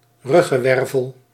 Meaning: vertebra of the back
- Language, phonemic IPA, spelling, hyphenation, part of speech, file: Dutch, /ˈrʏ.ɣə(n)ˌʋɛr.vəl/, ruggenwervel, rug‧gen‧wer‧vel, noun, Nl-ruggenwervel.ogg